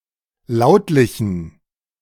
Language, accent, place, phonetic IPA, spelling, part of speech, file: German, Germany, Berlin, [ˈlaʊ̯tlɪçn̩], lautlichen, adjective, De-lautlichen.ogg
- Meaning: inflection of lautlich: 1. strong genitive masculine/neuter singular 2. weak/mixed genitive/dative all-gender singular 3. strong/weak/mixed accusative masculine singular 4. strong dative plural